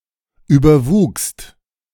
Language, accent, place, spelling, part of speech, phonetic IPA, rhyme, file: German, Germany, Berlin, überwuchst, verb, [ˌyːbɐˈvuːkst], -uːkst, De-überwuchst.ogg
- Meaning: second-person singular/plural preterite of überwachsen